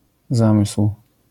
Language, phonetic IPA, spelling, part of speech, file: Polish, [ˈzãmɨsw̥], zamysł, noun, LL-Q809 (pol)-zamysł.wav